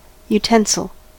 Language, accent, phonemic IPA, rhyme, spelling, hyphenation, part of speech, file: English, US, /juˈtɛn.səl/, -ɛnsəl, utensil, u‧ten‧sil, noun, En-us-utensil.ogg
- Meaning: 1. An instrument or device for domestic use, especially in the kitchen 2. Specifically, a eating utensil (fork, table knife, or spoon); a piece of flatware or cutlery